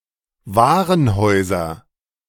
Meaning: nominative/accusative/genitive plural of Warenhaus
- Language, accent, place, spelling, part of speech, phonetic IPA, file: German, Germany, Berlin, Warenhäuser, noun, [ˈvaːʁənhɔɪ̯zɐ], De-Warenhäuser.ogg